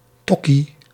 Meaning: a lower-class person who is perceived to be unsophisticated and seen as likely to engage in antisocial behaviour
- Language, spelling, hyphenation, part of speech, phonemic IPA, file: Dutch, tokkie, tok‧kie, noun, /ˈtɔki/, Nl-tokkie.ogg